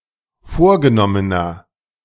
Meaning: inflection of vorgenommen: 1. strong/mixed nominative masculine singular 2. strong genitive/dative feminine singular 3. strong genitive plural
- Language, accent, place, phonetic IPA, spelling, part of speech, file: German, Germany, Berlin, [ˈfoːɐ̯ɡəˌnɔmənɐ], vorgenommener, adjective, De-vorgenommener.ogg